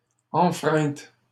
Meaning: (verb) feminine singular of enfreint; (noun) infraction
- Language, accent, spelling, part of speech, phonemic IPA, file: French, Canada, enfreinte, verb / noun, /ɑ̃.fʁɛ̃t/, LL-Q150 (fra)-enfreinte.wav